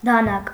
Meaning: knife
- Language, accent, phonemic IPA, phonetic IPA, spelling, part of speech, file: Armenian, Eastern Armenian, /dɑˈnɑk/, [dɑnɑ́k], դանակ, noun, Hy-դանակ.ogg